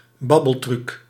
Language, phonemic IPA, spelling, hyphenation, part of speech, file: Dutch, /ˈbɑ.bəlˌtryk/, babbeltruc, bab‧bel‧truc, noun, Nl-babbeltruc.ogg
- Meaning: a type of burglary in which one perpetrator distracts the victim in his or her house with a conversation, either in order to enter the home and steal from it or to allow an accomplice to break in